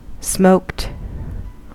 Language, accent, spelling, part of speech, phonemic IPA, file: English, US, smoked, adjective / verb, /smoʊkt/, En-us-smoked.ogg
- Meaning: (adjective) 1. Of food, treated with smoke, often for flavor or as a method of preservation 2. Of glass, tinted; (verb) simple past and past participle of smoke